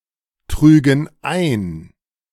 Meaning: first/third-person plural subjunctive II of eintragen
- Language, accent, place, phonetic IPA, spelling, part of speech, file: German, Germany, Berlin, [ˌtʁyːɡn̩ ˈaɪ̯n], trügen ein, verb, De-trügen ein.ogg